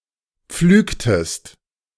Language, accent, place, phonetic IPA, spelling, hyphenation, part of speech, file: German, Germany, Berlin, [ˈpflyːktəst], pflügtest, pflüg‧test, verb, De-pflügtest.ogg
- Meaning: inflection of pflügen: 1. second-person singular preterite 2. second-person singular subjunctive II